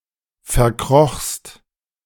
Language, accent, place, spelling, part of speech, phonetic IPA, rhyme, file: German, Germany, Berlin, verkrochst, verb, [fɛɐ̯ˈkʁɔxst], -ɔxst, De-verkrochst.ogg
- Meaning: second-person singular preterite of verkriechen